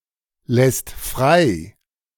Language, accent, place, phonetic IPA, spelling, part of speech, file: German, Germany, Berlin, [ˌlɛst ˈfʁaɪ̯], lässt frei, verb, De-lässt frei.ogg
- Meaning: second/third-person singular present of freilassen